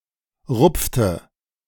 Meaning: inflection of rupfen: 1. first/third-person singular preterite 2. first/third-person singular subjunctive II
- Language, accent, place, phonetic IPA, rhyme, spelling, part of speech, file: German, Germany, Berlin, [ˈʁʊp͡ftə], -ʊp͡ftə, rupfte, verb, De-rupfte.ogg